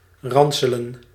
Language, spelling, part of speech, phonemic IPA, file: Dutch, ranselen, verb, /ˈrɑnsələ(n)/, Nl-ranselen.ogg
- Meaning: to beat up, to flog